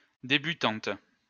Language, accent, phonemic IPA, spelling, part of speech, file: French, France, /de.by.tɑ̃t/, débutante, noun, LL-Q150 (fra)-débutante.wav
- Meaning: a debutante